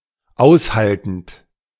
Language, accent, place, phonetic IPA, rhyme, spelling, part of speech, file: German, Germany, Berlin, [ˈaʊ̯sˌhaltn̩t], -aʊ̯shaltn̩t, aushaltend, verb, De-aushaltend.ogg
- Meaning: present participle of aushalten